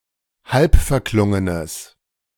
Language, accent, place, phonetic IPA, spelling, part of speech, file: German, Germany, Berlin, [ˈhalpfɛɐ̯ˌklʊŋənəs], halbverklungenes, adjective, De-halbverklungenes.ogg
- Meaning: strong/mixed nominative/accusative neuter singular of halbverklungen